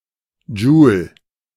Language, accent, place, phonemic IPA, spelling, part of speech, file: German, Germany, Berlin, /d͡ʒuːl/, Joule, noun, De-Joule.ogg
- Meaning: joule